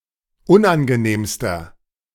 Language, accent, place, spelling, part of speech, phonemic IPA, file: German, Germany, Berlin, unangenehmster, adjective, /ˈʊnʔanɡəˌneːmstɐ/, De-unangenehmster.ogg
- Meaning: inflection of unangenehm: 1. strong/mixed nominative masculine singular superlative degree 2. strong genitive/dative feminine singular superlative degree 3. strong genitive plural superlative degree